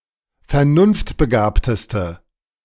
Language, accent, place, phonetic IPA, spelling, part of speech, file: German, Germany, Berlin, [fɛɐ̯ˈnʊnftbəˌɡaːptəstə], vernunftbegabteste, adjective, De-vernunftbegabteste.ogg
- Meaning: inflection of vernunftbegabt: 1. strong/mixed nominative/accusative feminine singular superlative degree 2. strong nominative/accusative plural superlative degree